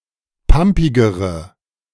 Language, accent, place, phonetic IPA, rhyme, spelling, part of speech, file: German, Germany, Berlin, [ˈpampɪɡəʁə], -ampɪɡəʁə, pampigere, adjective, De-pampigere.ogg
- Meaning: inflection of pampig: 1. strong/mixed nominative/accusative feminine singular comparative degree 2. strong nominative/accusative plural comparative degree